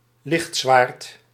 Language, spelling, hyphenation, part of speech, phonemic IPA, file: Dutch, lichtzwaard, licht‧zwaard, noun, /ˈlɪxt.sʋaːrt/, Nl-lichtzwaard.ogg
- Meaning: lightsaber